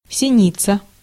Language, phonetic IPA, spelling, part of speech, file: Russian, [sʲɪˈnʲit͡sə], синица, noun, Ru-синица.ogg
- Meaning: tit, titmouse, tomtit (any bird of the family Paridae)